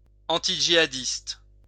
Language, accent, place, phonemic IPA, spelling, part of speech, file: French, France, Lyon, /ɑ̃.ti.ʒi.a.dist/, antijihadiste, adjective, LL-Q150 (fra)-antijihadiste.wav
- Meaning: antijihadist